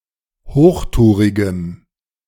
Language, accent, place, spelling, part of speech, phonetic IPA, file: German, Germany, Berlin, hochtourigem, adjective, [ˈhoːxˌtuːʁɪɡəm], De-hochtourigem.ogg
- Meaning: strong dative masculine/neuter singular of hochtourig